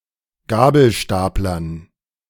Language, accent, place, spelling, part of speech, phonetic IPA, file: German, Germany, Berlin, Gabelstaplern, noun, [ˈɡaːbl̩ˌʃtaːplɐn], De-Gabelstaplern.ogg
- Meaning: dative plural of Gabelstapler